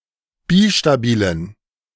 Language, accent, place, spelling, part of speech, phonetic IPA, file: German, Germany, Berlin, bistabilen, adjective, [ˈbiʃtaˌbiːlən], De-bistabilen.ogg
- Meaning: inflection of bistabil: 1. strong genitive masculine/neuter singular 2. weak/mixed genitive/dative all-gender singular 3. strong/weak/mixed accusative masculine singular 4. strong dative plural